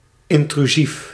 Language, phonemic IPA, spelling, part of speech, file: Dutch, /ɪntryˈzif/, intrusief, adjective, Nl-intrusief.ogg
- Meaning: intrusive (tending to intrude)